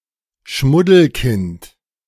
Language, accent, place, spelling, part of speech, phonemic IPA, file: German, Germany, Berlin, Schmuddelkind, noun, /ˈʃmʊdl̩ˌkɪnt/, De-Schmuddelkind.ogg
- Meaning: 1. pariah, outsider 2. urchin